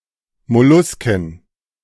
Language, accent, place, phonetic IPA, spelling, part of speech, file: German, Germany, Berlin, [mɔˈluskn̩], Mollusken, noun, De-Mollusken.ogg
- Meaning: plural of Molluske